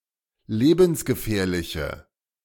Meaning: inflection of lebensgefährlich: 1. strong/mixed nominative/accusative feminine singular 2. strong nominative/accusative plural 3. weak nominative all-gender singular
- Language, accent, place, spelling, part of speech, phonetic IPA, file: German, Germany, Berlin, lebensgefährliche, adjective, [ˈleːbn̩sɡəˌfɛːɐ̯lɪçə], De-lebensgefährliche.ogg